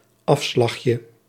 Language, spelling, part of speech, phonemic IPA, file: Dutch, afslagje, noun, /ˈɑfslɑxjə/, Nl-afslagje.ogg
- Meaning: diminutive of afslag